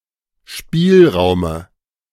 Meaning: dative of Spielraum
- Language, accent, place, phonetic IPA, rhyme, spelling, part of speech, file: German, Germany, Berlin, [ˈʃpiːlˌʁaʊ̯mə], -iːlʁaʊ̯mə, Spielraume, noun, De-Spielraume.ogg